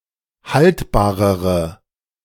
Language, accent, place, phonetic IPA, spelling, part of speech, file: German, Germany, Berlin, [ˈhaltbaːʁəʁə], haltbarere, adjective, De-haltbarere.ogg
- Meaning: inflection of haltbar: 1. strong/mixed nominative/accusative feminine singular comparative degree 2. strong nominative/accusative plural comparative degree